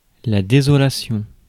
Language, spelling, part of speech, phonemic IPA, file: French, désolation, noun, /de.zɔ.la.sjɔ̃/, Fr-désolation.ogg
- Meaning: desolation